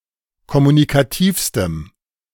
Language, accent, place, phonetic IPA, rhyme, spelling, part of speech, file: German, Germany, Berlin, [kɔmunikaˈtiːfstəm], -iːfstəm, kommunikativstem, adjective, De-kommunikativstem.ogg
- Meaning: strong dative masculine/neuter singular superlative degree of kommunikativ